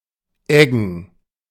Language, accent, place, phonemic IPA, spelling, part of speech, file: German, Germany, Berlin, /ˈɛɡən/, eggen, verb, De-eggen.ogg
- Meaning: to harrow